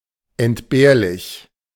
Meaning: dispensable, superfluous, unnecessary
- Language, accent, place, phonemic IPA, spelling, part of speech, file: German, Germany, Berlin, /ʔɛntˈbeːɐ̯lɪç/, entbehrlich, adjective, De-entbehrlich.ogg